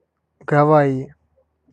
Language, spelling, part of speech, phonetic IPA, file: Russian, Гавайи, proper noun, [ɡɐˈva(j)ɪ], Ru-Гавайи.ogg
- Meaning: 1. Hawaii (an insular state of the United States, formerly a territory) 2. Hawaii, Hawaii Island (an island of Hawaii archipelago, Pacific Ocean, of Hawaii County, State of Hawaii, United States)